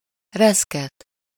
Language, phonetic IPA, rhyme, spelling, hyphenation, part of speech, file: Hungarian, [ˈrɛskɛt], -ɛt, reszket, resz‧ket, verb, Hu-reszket.ogg
- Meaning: to quiver, to tremble, to flutter